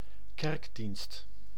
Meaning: 1. church service (Christian religious meeting taking place in accordance with liturgy) 2. service to a church (e.g. in practicing an office)
- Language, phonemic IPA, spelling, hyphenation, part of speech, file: Dutch, /ˈkɛrk.dinst/, kerkdienst, kerk‧dienst, noun, Nl-kerkdienst.ogg